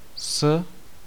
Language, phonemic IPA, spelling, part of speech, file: Czech, /s/, s, preposition, Cs-s.ogg
- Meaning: 1. with 2. down from, off 3. enough for, stronger than, above 4. enough for, stronger than, above: today only found in these phrases